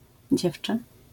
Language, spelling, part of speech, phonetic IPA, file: Polish, dziewczę, noun, [ˈd͡ʑɛft͡ʃɛ], LL-Q809 (pol)-dziewczę.wav